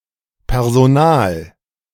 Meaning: personal
- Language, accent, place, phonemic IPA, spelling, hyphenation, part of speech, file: German, Germany, Berlin, /pɛʁzoˈnaːl/, personal, per‧so‧nal, adjective, De-personal.ogg